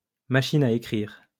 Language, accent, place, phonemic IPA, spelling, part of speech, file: French, France, Lyon, /ma.ʃi.n‿a e.kʁiʁ/, machine à écrire, noun, LL-Q150 (fra)-machine à écrire.wav
- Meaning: typewriter